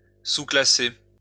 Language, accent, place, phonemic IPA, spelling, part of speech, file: French, France, Lyon, /su.kla.se/, sous-classer, verb, LL-Q150 (fra)-sous-classer.wav
- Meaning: to subclass